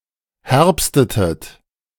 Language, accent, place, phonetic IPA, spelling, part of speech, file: German, Germany, Berlin, [ˈhɛʁpstətət], herbstetet, verb, De-herbstetet.ogg
- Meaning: inflection of herbsten: 1. second-person plural preterite 2. second-person plural subjunctive II